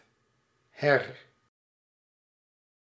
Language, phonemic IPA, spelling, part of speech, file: Dutch, /ɦɛr/, her, adverb, Nl-her.ogg
- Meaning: 1. here 2. hither